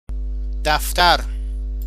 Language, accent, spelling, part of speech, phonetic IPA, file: Persian, Iran, دفتر, noun, [d̪æf.t̪ʰǽɹ], Fa-دفتر.ogg
- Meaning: 1. register, account book 2. notebook, journal 3. office, office building